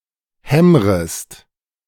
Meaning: second-person singular subjunctive I of hämmern
- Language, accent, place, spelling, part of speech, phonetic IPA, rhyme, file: German, Germany, Berlin, hämmrest, verb, [ˈhɛmʁəst], -ɛmʁəst, De-hämmrest.ogg